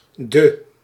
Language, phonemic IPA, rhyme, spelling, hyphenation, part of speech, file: Dutch, /də/, -ə, de, de, article / preposition, Nl-de.ogg
- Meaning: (article) the; definite article, masculine and feminine singular, plural; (preposition) per